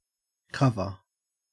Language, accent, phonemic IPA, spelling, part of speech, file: English, Australia, /ˈkɐvə/, cover, noun / adjective / verb, En-au-cover.ogg
- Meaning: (noun) 1. A lid 2. Area or situation which screens a person or thing from view 3. The front and back of a book, magazine, CD package, etc 4. The top sheet of a bed